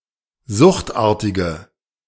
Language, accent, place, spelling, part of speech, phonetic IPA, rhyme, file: German, Germany, Berlin, suchtartige, adjective, [ˈzʊxtˌʔaːɐ̯tɪɡə], -ʊxtʔaːɐ̯tɪɡə, De-suchtartige.ogg
- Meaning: inflection of suchtartig: 1. strong/mixed nominative/accusative feminine singular 2. strong nominative/accusative plural 3. weak nominative all-gender singular